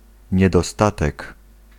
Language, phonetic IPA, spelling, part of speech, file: Polish, [ˌɲɛdɔˈstatɛk], niedostatek, noun, Pl-niedostatek.ogg